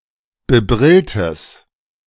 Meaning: strong/mixed nominative/accusative neuter singular of bebrillt
- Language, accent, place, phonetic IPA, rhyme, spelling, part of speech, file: German, Germany, Berlin, [bəˈbʁɪltəs], -ɪltəs, bebrilltes, adjective, De-bebrilltes.ogg